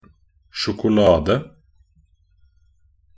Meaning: 1. chocolate (a food made from ground roasted cocoa beans and often sugar) 2. chocolate in the shape of bars 3. a piece of chocolate; a chocolate bar
- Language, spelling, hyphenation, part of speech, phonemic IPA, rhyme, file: Norwegian Bokmål, sjokolade, sjo‧ko‧la‧de, noun, /ʃʊkʊˈlɑːdə/, -ɑːdə, Nb-sjokolade.ogg